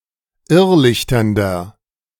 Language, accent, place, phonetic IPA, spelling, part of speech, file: German, Germany, Berlin, [ˈɪʁˌlɪçtɐndɐ], irrlichternder, adjective, De-irrlichternder.ogg
- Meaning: inflection of irrlichternd: 1. strong/mixed nominative masculine singular 2. strong genitive/dative feminine singular 3. strong genitive plural